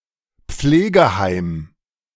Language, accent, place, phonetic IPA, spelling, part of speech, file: German, Germany, Berlin, [ˈp͡fleːɡəˌhaɪ̯m], Pflegeheim, noun, De-Pflegeheim.ogg
- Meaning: care home, nursing home